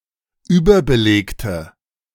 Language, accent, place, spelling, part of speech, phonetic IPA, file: German, Germany, Berlin, überbelegte, adjective, [ˈyːbɐbəˌleːktə], De-überbelegte.ogg
- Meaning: inflection of überbelegt: 1. strong/mixed nominative/accusative feminine singular 2. strong nominative/accusative plural 3. weak nominative all-gender singular